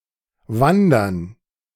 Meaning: gerund of wandern
- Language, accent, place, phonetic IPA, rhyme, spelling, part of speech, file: German, Germany, Berlin, [ˈvandɐn], -andɐn, Wandern, noun, De-Wandern.ogg